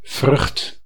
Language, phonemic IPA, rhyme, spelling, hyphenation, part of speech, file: Dutch, /vrʏxt/, -ʏxt, vrucht, vrucht, noun / verb, Nl-vrucht.ogg
- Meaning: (noun) 1. fruit (often edible, seed-bearing part of a plant) 2. fruit, i.e. produce, yield, result 3. fear; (verb) inflection of vruchten: first/second/third-person singular present indicative